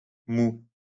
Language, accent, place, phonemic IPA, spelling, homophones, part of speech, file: French, France, Lyon, /mu/, moût, mou / moud / mouds / moue / moues / mous / moûts, noun, LL-Q150 (fra)-moût.wav
- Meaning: 1. must (of grape, apple etc.) 2. wort (of hops, barley)